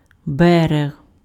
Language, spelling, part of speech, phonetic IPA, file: Ukrainian, берег, noun, [ˈbɛreɦ], Uk-берег.ogg
- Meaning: 1. bank, shore, coast, beach 2. The edge or border of a hole or trench. (compare Middle English brinke)